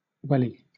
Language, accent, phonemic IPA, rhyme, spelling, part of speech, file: English, Southern England, /ˈwɛli/, -ɛli, welly, noun, LL-Q1860 (eng)-welly.wav
- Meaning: 1. A Wellington boot 2. Force on a pedal or increase to any fuel or power for an engine or motor 3. Force or effort